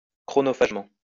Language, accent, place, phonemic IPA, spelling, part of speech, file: French, France, Lyon, /kʁɔ.nɔ.faʒ.mɑ̃/, chronophagement, adverb, LL-Q150 (fra)-chronophagement.wav
- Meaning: time-consumingly